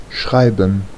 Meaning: 1. to write, to write out (use letters to make words and texts) 2. to spell (use a particular combination of letters to make a word) 3. to write (use handwriting)
- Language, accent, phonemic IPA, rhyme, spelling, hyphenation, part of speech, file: German, Germany, /ˈʃraɪ̯bən/, -aɪ̯bən, schreiben, schrei‧ben, verb, De-schreiben.ogg